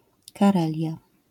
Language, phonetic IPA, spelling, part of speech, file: Polish, [kaˈrɛlʲja], Karelia, proper noun, LL-Q809 (pol)-Karelia.wav